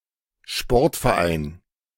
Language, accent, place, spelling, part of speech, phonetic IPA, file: German, Germany, Berlin, Sportverein, noun, [ˈʃpɔʁtfɛɐ̯ˌʔaɪ̯n], De-Sportverein.ogg
- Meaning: sports team, sports club